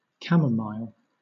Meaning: An asteracean plant with a fragrance reminiscent of apples: Matricaria chamomilla, German chamomile or Hungarian chamomile, with fragrant flowers used for tea, and as an herbal remedy
- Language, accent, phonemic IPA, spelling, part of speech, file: English, Southern England, /ˈkæ.məˌmaɪl/, camomile, noun, LL-Q1860 (eng)-camomile.wav